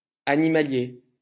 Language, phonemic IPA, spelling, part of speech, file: French, /a.ni.ma.lje/, animalier, adjective / noun, LL-Q150 (fra)-animalier.wav
- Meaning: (adjective) animal, wildlife; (noun) an artist who draws or sculpts animals, wildlife artist